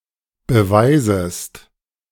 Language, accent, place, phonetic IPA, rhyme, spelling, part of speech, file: German, Germany, Berlin, [bəˈvaɪ̯zəst], -aɪ̯zəst, beweisest, verb, De-beweisest.ogg
- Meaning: second-person singular subjunctive I of beweisen